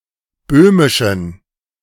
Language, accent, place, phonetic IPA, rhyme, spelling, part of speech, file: German, Germany, Berlin, [ˈbøːmɪʃn̩], -øːmɪʃn̩, böhmischen, adjective, De-böhmischen.ogg
- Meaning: inflection of böhmisch: 1. strong genitive masculine/neuter singular 2. weak/mixed genitive/dative all-gender singular 3. strong/weak/mixed accusative masculine singular 4. strong dative plural